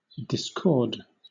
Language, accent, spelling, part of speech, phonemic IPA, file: English, Southern England, discord, verb, /dɪsˈkɔːd/, LL-Q1860 (eng)-discord.wav
- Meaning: 1. To disagree; to fail to agree or harmonize; clash 2. To untie things which are connected by a cord